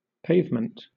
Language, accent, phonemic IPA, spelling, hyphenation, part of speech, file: English, Southern England, /ˈpeɪvm(ə)nt/, pavement, pave‧ment, noun, LL-Q1860 (eng)-pavement.wav
- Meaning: 1. A paved surface; a hard covering on the ground 2. A paved path, for the use of pedestrians, located at the side of a road